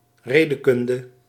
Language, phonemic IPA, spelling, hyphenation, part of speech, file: Dutch, /ˈreː.dəˌkʏn.də/, redekunde, re‧de‧kun‧de, noun, Nl-redekunde.ogg
- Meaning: 1. logic 2. rhetoric